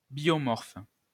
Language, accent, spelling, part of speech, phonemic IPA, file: French, France, biomorphe, adjective, /bjɔ.mɔʁf/, LL-Q150 (fra)-biomorphe.wav
- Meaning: biomorphic